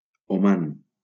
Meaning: Oman (a country in West Asia in the Middle East)
- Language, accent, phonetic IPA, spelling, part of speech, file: Catalan, Valencia, [oˈman], Oman, proper noun, LL-Q7026 (cat)-Oman.wav